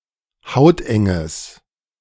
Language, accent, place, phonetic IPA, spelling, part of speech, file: German, Germany, Berlin, [ˈhaʊ̯tʔɛŋəs], hautenges, adjective, De-hautenges.ogg
- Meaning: strong/mixed nominative/accusative neuter singular of hauteng